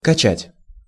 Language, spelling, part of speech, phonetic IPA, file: Russian, качать, verb, [kɐˈt͡ɕætʲ], Ru-качать.ogg
- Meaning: 1. to rock, to swing, to shake, to wobble; to dandle 2. to pump 3. to toss, to roll, to pitch 4. to lift up, to chair (to toss someone up, like a group of fans their champion) 5. to download